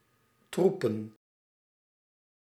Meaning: plural of troep
- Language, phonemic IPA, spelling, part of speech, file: Dutch, /ˈtrupə(n)/, troepen, noun / verb, Nl-troepen.ogg